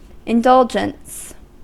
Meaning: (noun) 1. The act of indulging 2. Tolerance 3. The act of catering to someone's every desire 4. A wish or whim satisfied 5. Something in which someone indulges
- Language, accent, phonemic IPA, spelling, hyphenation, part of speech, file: English, US, /ɪnˈdʌl.d͡ʒəns/, indulgence, in‧dul‧gence, noun / verb, En-us-indulgence.ogg